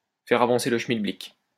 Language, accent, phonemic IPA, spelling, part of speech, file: French, France, /fɛʁ a.vɑ̃.se lə ʃmil.blik/, faire avancer le schmilblick, verb, LL-Q150 (fra)-faire avancer le schmilblick.wav
- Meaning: to get things done, to keep things going, to move things along, to help move things forward